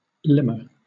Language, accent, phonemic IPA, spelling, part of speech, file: English, Southern England, /ˈlɪmə/, limmer, noun / adjective, LL-Q1860 (eng)-limmer.wav
- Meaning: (noun) 1. A rogue; a low, base fellow 2. A promiscuous woman 3. A limehound; a leamer 4. A mongrel, such as a cross between the mastiff and hound 5. A manrope at the side of a ladder